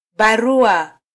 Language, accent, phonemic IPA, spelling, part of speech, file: Swahili, Kenya, /ɓɑˈɾu.ɑ/, barua, noun, Sw-ke-barua.flac
- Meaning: letter (written message)